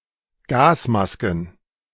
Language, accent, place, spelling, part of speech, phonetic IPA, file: German, Germany, Berlin, Gasmasken, noun, [ˈɡaːsˌmaskn̩], De-Gasmasken.ogg
- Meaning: plural of Gasmaske